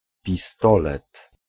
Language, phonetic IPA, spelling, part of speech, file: Polish, [pʲiˈstɔlɛt], pistolet, noun, Pl-pistolet.ogg